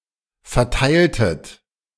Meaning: inflection of verteilen: 1. second-person plural preterite 2. second-person plural subjunctive II
- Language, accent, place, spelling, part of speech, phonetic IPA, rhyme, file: German, Germany, Berlin, verteiltet, verb, [fɛɐ̯ˈtaɪ̯ltət], -aɪ̯ltət, De-verteiltet.ogg